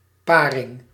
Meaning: 1. pairing (in a tournament) 2. copulation, mating
- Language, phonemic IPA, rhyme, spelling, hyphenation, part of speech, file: Dutch, /ˈpaː.rɪŋ/, -aːrɪŋ, paring, pa‧ring, noun, Nl-paring.ogg